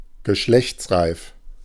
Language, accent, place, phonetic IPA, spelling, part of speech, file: German, Germany, Berlin, [ɡəˈʃlɛçt͡sˌʁaɪ̯f], geschlechtsreif, adjective, De-geschlechtsreif.ogg
- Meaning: sexually mature